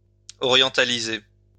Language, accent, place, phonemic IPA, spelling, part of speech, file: French, France, Lyon, /ɔ.ʁjɑ̃.ta.li.ze/, orientaliser, verb, LL-Q150 (fra)-orientaliser.wav
- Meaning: to orientalise